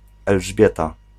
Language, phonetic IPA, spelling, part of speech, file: Polish, [ɛlʒˈbʲjɛta], Elżbieta, proper noun, Pl-Elżbieta.ogg